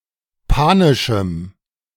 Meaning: strong dative masculine/neuter singular of panisch
- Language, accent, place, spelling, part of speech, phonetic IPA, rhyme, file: German, Germany, Berlin, panischem, adjective, [ˈpaːnɪʃm̩], -aːnɪʃm̩, De-panischem.ogg